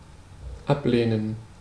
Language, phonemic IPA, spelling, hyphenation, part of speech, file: German, /ˈapleːnən/, ablehnen, ab‧leh‧nen, verb, De-ablehnen.ogg
- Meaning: to decline, refuse, reject, turn down